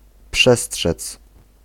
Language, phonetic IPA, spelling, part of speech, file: Polish, [ˈpʃɛsṭʃɛt͡s], przestrzec, verb, Pl-przestrzec.ogg